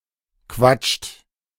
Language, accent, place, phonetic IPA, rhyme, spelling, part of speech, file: German, Germany, Berlin, [kvat͡ʃt], -at͡ʃt, quatscht, verb, De-quatscht.ogg
- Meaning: inflection of quatschen: 1. third-person singular present 2. second-person plural present 3. plural imperative